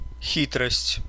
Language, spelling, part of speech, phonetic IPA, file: Russian, хитрость, noun, [ˈxʲitrəsʲtʲ], Ru-хи́трость.ogg
- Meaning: 1. craftiness, craft (shrewdness) 2. ruse 3. stratagem